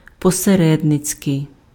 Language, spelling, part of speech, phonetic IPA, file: Ukrainian, посередницький, adjective, [pɔseˈrɛdnet͡sʲkei̯], Uk-посередницький.ogg
- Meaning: 1. intermediary 2. mediator (attributive), mediation (attributive)